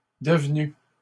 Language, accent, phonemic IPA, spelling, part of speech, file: French, Canada, /də.v(ə).ny/, devenus, verb, LL-Q150 (fra)-devenus.wav
- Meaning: masculine plural of devenu